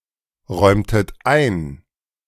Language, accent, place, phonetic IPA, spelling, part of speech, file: German, Germany, Berlin, [ˌʁɔɪ̯mtət ˈaɪ̯n], räumtet ein, verb, De-räumtet ein.ogg
- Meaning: inflection of einräumen: 1. second-person plural preterite 2. second-person plural subjunctive II